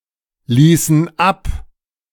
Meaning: inflection of ablassen: 1. first/third-person plural preterite 2. first/third-person plural subjunctive II
- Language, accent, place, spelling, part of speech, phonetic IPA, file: German, Germany, Berlin, ließen ab, verb, [ˌliːsn̩ ˈap], De-ließen ab.ogg